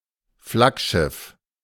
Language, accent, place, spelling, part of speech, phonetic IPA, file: German, Germany, Berlin, Flaggschiff, noun, [ˈflakˌʃɪf], De-Flaggschiff.ogg
- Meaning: flagship